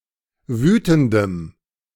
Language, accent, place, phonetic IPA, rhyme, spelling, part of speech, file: German, Germany, Berlin, [ˈvyːtn̩dəm], -yːtn̩dəm, wütendem, adjective, De-wütendem.ogg
- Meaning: strong dative masculine/neuter singular of wütend